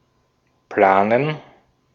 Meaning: to plan (some action or event)
- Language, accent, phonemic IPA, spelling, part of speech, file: German, Austria, /ˈplaːnən/, planen, verb, De-at-planen.ogg